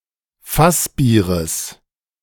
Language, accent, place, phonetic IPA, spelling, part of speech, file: German, Germany, Berlin, [ˈfasˌbiːʁəs], Fassbieres, noun, De-Fassbieres.ogg
- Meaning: genitive singular of Fassbier